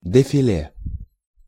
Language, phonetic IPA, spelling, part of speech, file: Russian, [dɨfʲɪˈlʲe], дефиле, noun, Ru-дефиле.ogg
- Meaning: 1. defile (thin canyon) 2. defiling, marching, parade 3. fashion parade